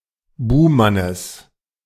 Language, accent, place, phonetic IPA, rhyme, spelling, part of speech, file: German, Germany, Berlin, [ˈbuːmanəs], -uːmanəs, Buhmannes, noun, De-Buhmannes.ogg
- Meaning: genitive of Buhmann